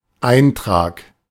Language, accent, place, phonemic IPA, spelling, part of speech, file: German, Germany, Berlin, /ˈaɪ̯ntʁaːk/, Eintrag, noun, De-Eintrag.ogg
- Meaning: entry (in dictionary, record in log)